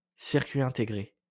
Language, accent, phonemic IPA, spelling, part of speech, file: French, France, /siʁ.kɥi ɛ̃.te.ɡʁe/, circuit intégré, noun, LL-Q150 (fra)-circuit intégré.wav
- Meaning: integrated circuit